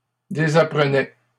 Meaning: third-person singular imperfect indicative of désapprendre
- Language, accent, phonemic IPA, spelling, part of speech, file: French, Canada, /de.za.pʁə.nɛ/, désapprenait, verb, LL-Q150 (fra)-désapprenait.wav